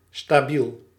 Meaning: 1. stable, (relatively) unchanging 2. soundly balanced 3. reliable
- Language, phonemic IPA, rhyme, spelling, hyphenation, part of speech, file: Dutch, /staːˈbil/, -il, stabiel, sta‧biel, adjective, Nl-stabiel.ogg